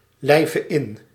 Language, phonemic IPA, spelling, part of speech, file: Dutch, /lɛɪvə ɪn/, lijve in, verb, Nl-lijve in.ogg
- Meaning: singular present subjunctive of inlijven